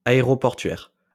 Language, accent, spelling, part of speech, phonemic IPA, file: French, France, aéroportuaire, adjective, /a.e.ʁɔ.pɔʁ.tɥɛʁ/, LL-Q150 (fra)-aéroportuaire.wav
- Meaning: airport